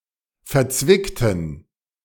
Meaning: inflection of verzwickt: 1. strong genitive masculine/neuter singular 2. weak/mixed genitive/dative all-gender singular 3. strong/weak/mixed accusative masculine singular 4. strong dative plural
- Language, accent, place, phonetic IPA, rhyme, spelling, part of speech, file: German, Germany, Berlin, [fɛɐ̯ˈt͡svɪktn̩], -ɪktn̩, verzwickten, adjective, De-verzwickten.ogg